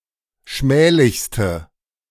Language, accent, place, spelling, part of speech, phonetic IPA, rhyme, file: German, Germany, Berlin, schmählichste, adjective, [ˈʃmɛːlɪçstə], -ɛːlɪçstə, De-schmählichste.ogg
- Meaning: inflection of schmählich: 1. strong/mixed nominative/accusative feminine singular superlative degree 2. strong nominative/accusative plural superlative degree